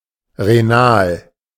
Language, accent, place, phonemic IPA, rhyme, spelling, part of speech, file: German, Germany, Berlin, /ʁeˈnaːl/, -aːl, renal, adjective, De-renal.ogg
- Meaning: renal (pertaining to the kidneys)